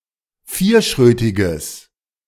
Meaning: strong/mixed nominative/accusative neuter singular of vierschrötig
- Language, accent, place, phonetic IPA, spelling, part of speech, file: German, Germany, Berlin, [ˈfiːɐ̯ˌʃʁøːtɪɡəs], vierschrötiges, adjective, De-vierschrötiges.ogg